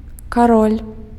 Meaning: 1. king (the title of monarch in some feudal and bourgeois countries) 2. king (of a monopoly in some industry, a major financier) 3. king
- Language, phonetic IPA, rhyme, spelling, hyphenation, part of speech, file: Belarusian, [kaˈrolʲ], -olʲ, кароль, ка‧роль, noun, Be-кароль.ogg